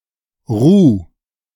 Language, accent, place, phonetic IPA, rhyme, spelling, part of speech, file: German, Germany, Berlin, [ʁuː], -uː, Ruh, noun, De-Ruh.ogg
- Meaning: alternative form of Ruhe